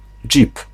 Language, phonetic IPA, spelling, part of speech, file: Polish, [d͡ʒʲip], dżip, noun, Pl-dżip.ogg